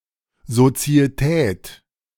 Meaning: partnership
- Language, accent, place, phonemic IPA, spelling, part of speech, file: German, Germany, Berlin, /zot͡si̯əˈtɛːt/, Sozietät, noun, De-Sozietät.ogg